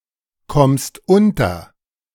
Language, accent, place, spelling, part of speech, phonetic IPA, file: German, Germany, Berlin, kommst unter, verb, [ˌkɔmst ˈʊntɐ], De-kommst unter.ogg
- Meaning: second-person singular present of unterkommen